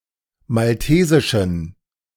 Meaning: inflection of maltesisch: 1. strong genitive masculine/neuter singular 2. weak/mixed genitive/dative all-gender singular 3. strong/weak/mixed accusative masculine singular 4. strong dative plural
- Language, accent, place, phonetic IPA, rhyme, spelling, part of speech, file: German, Germany, Berlin, [malˈteːzɪʃn̩], -eːzɪʃn̩, maltesischen, adjective, De-maltesischen.ogg